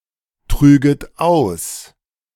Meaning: second-person plural subjunctive II of austragen
- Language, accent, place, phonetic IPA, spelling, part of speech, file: German, Germany, Berlin, [ˌtʁyːɡət ˈaʊ̯s], trüget aus, verb, De-trüget aus.ogg